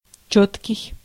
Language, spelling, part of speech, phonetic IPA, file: Russian, чёткий, adjective, [ˈt͡ɕɵtkʲɪj], Ru-чёткий.ogg
- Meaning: 1. distinct, clear, clear-cut 2. clear (transparent) 3. exact, accurate 4. legible 5. sharp, crisp (picture)